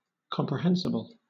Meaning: Able to be comprehended
- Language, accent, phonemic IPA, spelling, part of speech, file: English, Southern England, /kɒmpɹəˈhɛnsɪbəl/, comprehensible, adjective, LL-Q1860 (eng)-comprehensible.wav